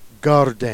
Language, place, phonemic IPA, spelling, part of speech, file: Jèrriais, Jersey, /ɡardẽ/, gardîn, noun, Jer-Gardîn.ogg
- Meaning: garden